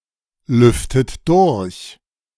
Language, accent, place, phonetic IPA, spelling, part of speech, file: German, Germany, Berlin, [ˌlʏftət ˈdʊʁç], lüftet durch, verb, De-lüftet durch.ogg
- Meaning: inflection of durchlüften: 1. second-person plural present 2. second-person plural subjunctive I 3. third-person singular present 4. plural imperative